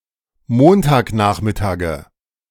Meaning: nominative/accusative/genitive plural of Montagnachmittag
- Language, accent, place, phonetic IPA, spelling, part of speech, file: German, Germany, Berlin, [ˈmoːntaːkˌnaːxmɪtaːɡə], Montagnachmittage, noun, De-Montagnachmittage.ogg